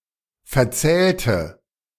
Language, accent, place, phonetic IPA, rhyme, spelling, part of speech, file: German, Germany, Berlin, [fɛɐ̯ˈt͡sɛːltə], -ɛːltə, verzählte, verb, De-verzählte.ogg
- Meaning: inflection of verzählen: 1. first/third-person singular preterite 2. first/third-person singular subjunctive II